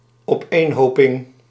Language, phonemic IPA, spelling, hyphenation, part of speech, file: Dutch, /ɔpˈenhopɪŋ/, opeenhoping, op‧een‧ho‧ping, noun, Nl-opeenhoping.ogg
- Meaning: accumulation, pile